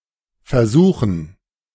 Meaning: 1. gerund of versuchen 2. dative plural of Versuch
- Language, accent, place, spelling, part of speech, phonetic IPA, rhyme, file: German, Germany, Berlin, Versuchen, noun, [fɛɐ̯ˈzuːxn̩], -uːxn̩, De-Versuchen.ogg